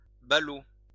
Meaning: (noun) 1. bundle, package 2. fool, nitwit; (adjective) 1. silly 2. regrettable
- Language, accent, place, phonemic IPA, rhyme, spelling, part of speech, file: French, France, Lyon, /ba.lo/, -o, ballot, noun / adjective, LL-Q150 (fra)-ballot.wav